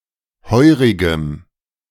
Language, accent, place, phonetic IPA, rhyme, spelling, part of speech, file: German, Germany, Berlin, [ˈhɔɪ̯ʁɪɡəm], -ɔɪ̯ʁɪɡəm, heurigem, adjective, De-heurigem.ogg
- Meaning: strong dative masculine/neuter singular of heurig